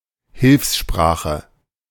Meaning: auxiliary language
- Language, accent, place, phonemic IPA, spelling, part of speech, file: German, Germany, Berlin, /ˈhɪlfsˌʃpʁaːxə/, Hilfssprache, noun, De-Hilfssprache.ogg